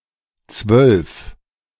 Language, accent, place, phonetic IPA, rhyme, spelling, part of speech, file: German, Germany, Berlin, [t͡svœlf], -œlf, Zwölf, noun, De-Zwölf.ogg
- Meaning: twelve, a dozen